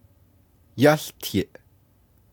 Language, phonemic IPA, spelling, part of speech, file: Navajo, /jɑ́ɬtʰɪ̀ʔ/, yáłtiʼ, verb, Nv-yáłtiʼ.ogg
- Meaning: he/she is speaking, talking